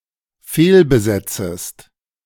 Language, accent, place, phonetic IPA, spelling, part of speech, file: German, Germany, Berlin, [ˈfeːlbəˌzɛt͡səst], fehlbesetzest, verb, De-fehlbesetzest.ogg
- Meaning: second-person singular dependent subjunctive I of fehlbesetzen